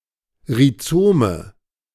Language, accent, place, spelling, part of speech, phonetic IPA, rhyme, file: German, Germany, Berlin, Rhizome, noun, [ʁiˈt͡soːmə], -oːmə, De-Rhizome.ogg
- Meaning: nominative/accusative/genitive plural of Rhizom